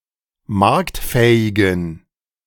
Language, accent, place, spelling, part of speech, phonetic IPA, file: German, Germany, Berlin, marktfähigen, adjective, [ˈmaʁktˌfɛːɪɡn̩], De-marktfähigen.ogg
- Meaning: inflection of marktfähig: 1. strong genitive masculine/neuter singular 2. weak/mixed genitive/dative all-gender singular 3. strong/weak/mixed accusative masculine singular 4. strong dative plural